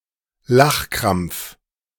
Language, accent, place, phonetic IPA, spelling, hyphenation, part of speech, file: German, Germany, Berlin, [ˈlaxˌkʁamp͡f], Lachkrampf, Lach‧krampf, noun, De-Lachkrampf.ogg
- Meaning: laughing fit